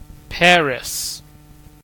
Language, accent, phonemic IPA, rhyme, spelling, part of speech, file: English, US, /ˈpæɹɪs/, -æɹɪs, Paris, proper noun, En-Paris.ogg
- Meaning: 1. The capital and largest city of France 2. A department of Île-de-France, France 3. The government of France 4. A locale named after the French city.: A hamlet in Jutland, Denmark